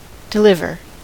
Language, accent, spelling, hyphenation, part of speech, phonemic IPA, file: English, US, deliver, de‧liv‧er, verb / adjective, /dɪˈlɪv.ɚ/, En-us-deliver.ogg
- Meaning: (verb) 1. To set free from restraint or danger 2. Senses having to do with birth.: To assist in the birth of